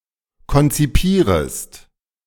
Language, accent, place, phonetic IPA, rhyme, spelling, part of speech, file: German, Germany, Berlin, [kɔnt͡siˈpiːʁəst], -iːʁəst, konzipierest, verb, De-konzipierest.ogg
- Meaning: second-person singular subjunctive I of konzipieren